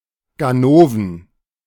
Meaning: plural of Ganove
- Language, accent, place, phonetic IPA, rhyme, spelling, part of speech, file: German, Germany, Berlin, [ɡaˈnoːvn̩], -oːvn̩, Ganoven, noun, De-Ganoven.ogg